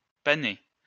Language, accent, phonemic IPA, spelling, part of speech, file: French, France, /pa.ne/, pané, verb / adjective, LL-Q150 (fra)-pané.wav
- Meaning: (verb) past participle of paner; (adjective) breaded (covered in breadcrumbs)